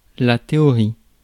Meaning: 1. theory 2. solemn or sacred procession or embassy, especially in ancient Greece 3. procession; group of people moving in single file; a row, line
- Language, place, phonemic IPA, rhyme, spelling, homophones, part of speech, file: French, Paris, /te.ɔ.ʁi/, -i, théorie, théories, noun, Fr-théorie.ogg